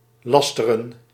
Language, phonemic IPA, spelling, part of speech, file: Dutch, /ˈlɑstərə(n)/, lasteren, verb, Nl-lasteren.ogg
- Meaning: to slander